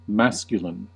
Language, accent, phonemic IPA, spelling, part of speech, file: English, US, /ˈmæskjələn/, masculine, adjective / noun, En-us-masculine.ogg
- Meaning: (adjective) 1. Of or pertaining to the male gender 2. Of or pertaining to the male sex; biologically male, not female 3. Belonging to males; typically used by males